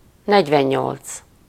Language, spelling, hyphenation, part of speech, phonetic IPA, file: Hungarian, negyvennyolc, negy‧ven‧nyolc, numeral, [ˈnɛɟvɛɲːolt͡s], Hu-negyvennyolc.ogg
- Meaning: forty-eight